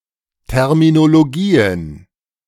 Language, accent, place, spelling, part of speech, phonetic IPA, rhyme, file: German, Germany, Berlin, Terminologien, noun, [ˌtɛʁminoloˈɡiːən], -iːən, De-Terminologien.ogg
- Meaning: plural of Terminologie